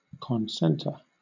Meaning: 1. To come together at a common centre 2. To coincide 3. To bring together at a common centre 4. To focus 5. To condense, to concentrate
- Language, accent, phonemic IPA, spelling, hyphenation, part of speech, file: English, Southern England, /kɒnˈsɛntə/, concentre, con‧cen‧tre, verb, LL-Q1860 (eng)-concentre.wav